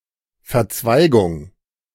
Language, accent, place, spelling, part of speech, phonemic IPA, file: German, Germany, Berlin, Verzweigung, noun, /fɛɐ̯ˈt͡svaɪ̯ɡʊŋ/, De-Verzweigung.ogg
- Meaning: 1. branch, branching 2. ramification 3. intersection (junction of roads)